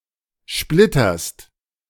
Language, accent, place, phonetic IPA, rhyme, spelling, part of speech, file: German, Germany, Berlin, [ˈʃplɪtɐst], -ɪtɐst, splitterst, verb, De-splitterst.ogg
- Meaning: second-person singular present of splittern